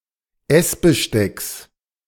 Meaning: genitive singular of Essbesteck
- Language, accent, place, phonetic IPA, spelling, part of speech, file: German, Germany, Berlin, [ˈɛsbəˌʃtɛks], Essbestecks, noun, De-Essbestecks.ogg